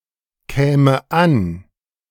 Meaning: first/third-person singular subjunctive II of ankommen
- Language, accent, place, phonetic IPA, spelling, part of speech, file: German, Germany, Berlin, [ˌkɛːmə ˈan], käme an, verb, De-käme an.ogg